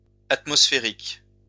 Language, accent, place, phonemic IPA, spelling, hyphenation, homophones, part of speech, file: French, France, Lyon, /at.mɔs.fe.ʁik/, atmosphériques, at‧mos‧phé‧riques, atmosphérique, adjective, LL-Q150 (fra)-atmosphériques.wav
- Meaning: plural of atmosphérique